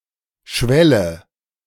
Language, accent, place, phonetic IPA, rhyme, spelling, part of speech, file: German, Germany, Berlin, [ˈʃvɛlə], -ɛlə, schwelle, verb, De-schwelle.ogg
- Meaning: inflection of schwellen: 1. first-person singular present 2. first/third-person singular subjunctive I